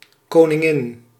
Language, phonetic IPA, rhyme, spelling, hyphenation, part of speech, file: Dutch, [ˌkoːnɪ̃ˈɣɪn], -ɪn, koningin, ko‧nin‧gin, noun, Nl-koningin.ogg
- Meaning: 1. queen: female monarchic ruler of a kingdom 2. queen: consort of a king 3. queen